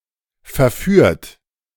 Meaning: 1. past participle of verführen 2. inflection of verführen: third-person singular present 3. inflection of verführen: second-person plural present 4. inflection of verführen: plural imperative
- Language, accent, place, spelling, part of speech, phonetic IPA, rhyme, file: German, Germany, Berlin, verführt, verb, [fɛɐ̯ˈfyːɐ̯t], -yːɐ̯t, De-verführt.ogg